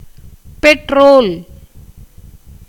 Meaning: petrol, gasoline
- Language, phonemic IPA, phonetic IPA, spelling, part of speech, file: Tamil, /pɛʈɾoːl/, [pe̞ʈɾoːl], பெட்ரோல், noun, Ta-பெட்ரோல்.ogg